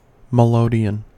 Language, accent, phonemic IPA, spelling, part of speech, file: English, US, /məˈloʊdi.ən/, melodeon, noun, En-us-melodeon.ogg
- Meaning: 1. A type of reed organ with a single keyboard 2. An accordion where the melody-side keyboard is limited to the notes of diatonic scales in a small number of keys 3. A music hall